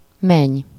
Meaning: daughter-in-law
- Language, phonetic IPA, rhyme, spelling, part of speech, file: Hungarian, [ˈmɛɲ], -ɛɲ, meny, noun, Hu-meny.ogg